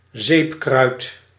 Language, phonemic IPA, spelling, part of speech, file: Dutch, /ˈzeːp.krœy̯t/, zeepkruid, noun, Nl-zeepkruid.ogg
- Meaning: 1. common soapwort (Saponaria officinalis) 2. soapwort (any plant of genus Saponaria)